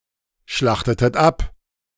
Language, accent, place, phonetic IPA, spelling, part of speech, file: German, Germany, Berlin, [ˌʃlaxtətət ˈap], schlachtetet ab, verb, De-schlachtetet ab.ogg
- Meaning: inflection of abschlachten: 1. second-person plural preterite 2. second-person plural subjunctive II